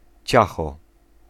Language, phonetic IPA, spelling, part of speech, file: Polish, [ˈt͡ɕaxɔ], ciacho, noun, Pl-ciacho.ogg